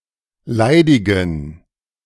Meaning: inflection of leidig: 1. strong genitive masculine/neuter singular 2. weak/mixed genitive/dative all-gender singular 3. strong/weak/mixed accusative masculine singular 4. strong dative plural
- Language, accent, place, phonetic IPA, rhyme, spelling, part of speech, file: German, Germany, Berlin, [ˈlaɪ̯dɪɡn̩], -aɪ̯dɪɡn̩, leidigen, adjective, De-leidigen.ogg